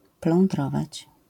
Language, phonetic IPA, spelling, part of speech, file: Polish, [plɔ̃nˈdrɔvat͡ɕ], plądrować, verb, LL-Q809 (pol)-plądrować.wav